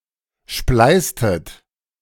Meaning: inflection of spleißen: 1. second-person plural preterite 2. second-person plural subjunctive II
- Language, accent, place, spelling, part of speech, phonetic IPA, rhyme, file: German, Germany, Berlin, spleißtet, verb, [ˈʃplaɪ̯stət], -aɪ̯stət, De-spleißtet.ogg